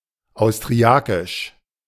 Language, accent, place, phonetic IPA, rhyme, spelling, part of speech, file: German, Germany, Berlin, [aʊ̯stʁiˈakɪʃ], -akɪʃ, austriakisch, adjective, De-austriakisch.ogg
- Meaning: Austrian